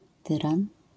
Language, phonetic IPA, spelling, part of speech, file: Polish, [ˈtɨrãn], tyran, noun, LL-Q809 (pol)-tyran.wav